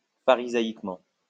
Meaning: pharisaically
- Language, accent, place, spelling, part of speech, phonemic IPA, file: French, France, Lyon, pharisaïquement, adverb, /fa.ʁi.za.ik.mɑ̃/, LL-Q150 (fra)-pharisaïquement.wav